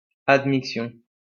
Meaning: admixture
- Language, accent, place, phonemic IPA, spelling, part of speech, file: French, France, Lyon, /ad.mik.stjɔ̃/, admixtion, noun, LL-Q150 (fra)-admixtion.wav